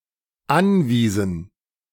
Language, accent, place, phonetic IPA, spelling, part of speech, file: German, Germany, Berlin, [ˈanˌviːzn̩], anwiesen, verb, De-anwiesen.ogg
- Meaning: inflection of anweisen: 1. first/third-person plural dependent preterite 2. first/third-person plural dependent subjunctive II